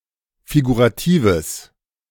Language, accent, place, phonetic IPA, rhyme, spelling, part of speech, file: German, Germany, Berlin, [fiɡuʁaˈtiːvəs], -iːvəs, figuratives, adjective, De-figuratives.ogg
- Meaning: strong/mixed nominative/accusative neuter singular of figurativ